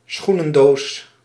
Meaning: a shoebox (box for shoes)
- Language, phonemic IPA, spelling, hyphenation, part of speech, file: Dutch, /ˈsxu.nə(n)ˌdoːs/, schoenendoos, schoe‧nen‧doos, noun, Nl-schoenendoos.ogg